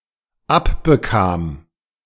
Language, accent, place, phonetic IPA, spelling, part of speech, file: German, Germany, Berlin, [ˈapbəˌkaːm], abbekam, verb, De-abbekam.ogg
- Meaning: first/third-person singular dependent preterite of abbekommen